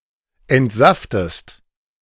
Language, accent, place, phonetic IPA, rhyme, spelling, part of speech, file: German, Germany, Berlin, [ɛntˈzaftəst], -aftəst, entsaftest, verb, De-entsaftest.ogg
- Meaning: inflection of entsaften: 1. second-person singular present 2. second-person singular subjunctive I